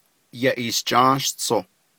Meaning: July
- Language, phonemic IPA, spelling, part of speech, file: Navajo, /jɑ̀ʔìːʃt͡ʃɑ́ːst͡sʰòh/, Yaʼiishjáástsoh, noun, Nv-Yaʼiishjáástsoh.ogg